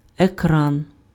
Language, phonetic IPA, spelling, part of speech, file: Ukrainian, [eˈkran], екран, noun, Uk-екран.ogg
- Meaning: 1. screen (graphic display area of a TV, monitor, electronic device) 2. screen (physical divider intended to block an area from view, or to protect from something, e.g. sunlight)